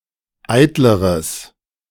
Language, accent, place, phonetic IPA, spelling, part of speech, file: German, Germany, Berlin, [ˈaɪ̯tləʁəs], eitleres, adjective, De-eitleres.ogg
- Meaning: strong/mixed nominative/accusative neuter singular comparative degree of eitel